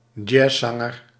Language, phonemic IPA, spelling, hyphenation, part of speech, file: Dutch, /ˈdʒɛzˌzɑ.ŋər/, jazzzanger, jazz‧zan‧ger, noun, Nl-jazzzanger.ogg
- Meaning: jazz singer